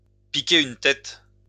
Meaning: to go for a dip, to take a dip, to dive head first; to go for a swim
- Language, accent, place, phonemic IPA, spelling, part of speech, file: French, France, Lyon, /pi.ke yn tɛt/, piquer une tête, verb, LL-Q150 (fra)-piquer une tête.wav